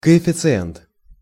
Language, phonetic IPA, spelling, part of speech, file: Russian, [kəɪfʲɪt͡sɨˈɛnt], коэффициент, noun, Ru-коэффициент.ogg
- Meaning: coefficient, factor